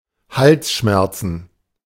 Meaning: plural of Halsschmerz
- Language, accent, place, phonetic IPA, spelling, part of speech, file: German, Germany, Berlin, [ˈhalsˌʃmɛʁt͡sn̩], Halsschmerzen, noun, De-Halsschmerzen.ogg